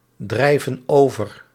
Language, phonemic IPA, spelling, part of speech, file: Dutch, /ˈdrɛivə(n) ˈovər/, drijven over, verb, Nl-drijven over.ogg
- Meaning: inflection of overdrijven: 1. plural present indicative 2. plural present subjunctive